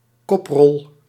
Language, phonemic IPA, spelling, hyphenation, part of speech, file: Dutch, /ˈkɔp.rɔl/, koprol, kop‧rol, noun, Nl-koprol.ogg
- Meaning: roll, tumble (gymnastics move where the body rotates by rolling longitudinally over one's back)